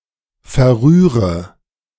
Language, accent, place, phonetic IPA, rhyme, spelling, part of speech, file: German, Germany, Berlin, [fɛɐ̯ˈʁyːʁə], -yːʁə, verrühre, verb, De-verrühre.ogg
- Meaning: inflection of verrühren: 1. first-person singular present 2. first/third-person singular subjunctive I 3. singular imperative